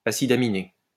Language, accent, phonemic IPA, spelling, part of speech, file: French, France, /a.si.d‿a.mi.ne/, acide aminé, noun, LL-Q150 (fra)-acide aminé.wav
- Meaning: amino acid